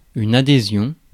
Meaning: 1. adhesion, adherence 2. subscription
- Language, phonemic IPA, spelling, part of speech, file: French, /a.de.zjɔ̃/, adhésion, noun, Fr-adhésion.ogg